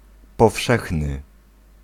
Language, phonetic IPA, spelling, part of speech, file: Polish, [pɔˈfʃɛxnɨ], powszechny, adjective, Pl-powszechny.ogg